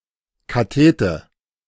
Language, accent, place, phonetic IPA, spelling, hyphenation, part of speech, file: German, Germany, Berlin, [kaˈteːtə], Kathete, Ka‧the‧te, noun, De-Kathete.ogg
- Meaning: cathetus